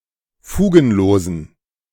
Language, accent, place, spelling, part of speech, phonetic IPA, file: German, Germany, Berlin, fugenlosen, adjective, [ˈfuːɡn̩ˌloːzn̩], De-fugenlosen.ogg
- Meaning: inflection of fugenlos: 1. strong genitive masculine/neuter singular 2. weak/mixed genitive/dative all-gender singular 3. strong/weak/mixed accusative masculine singular 4. strong dative plural